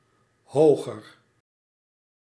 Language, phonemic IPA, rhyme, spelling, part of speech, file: Dutch, /ˈɦoːɣər/, -oːɣər, hoger, adjective, Nl-hoger.ogg
- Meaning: 1. comparative degree of hoog 2. inflection of hoog 3. inflection of hoog: feminine genitive singular 4. inflection of hoog: genitive plural